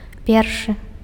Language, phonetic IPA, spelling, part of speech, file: Belarusian, [ˈpʲerʂɨ], першы, adjective, Be-першы.ogg
- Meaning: first